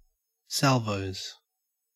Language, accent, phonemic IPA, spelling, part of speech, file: English, Australia, /ˈsælvəʉz/, Salvos, noun, En-au-Salvos.ogg
- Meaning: The Salvation Army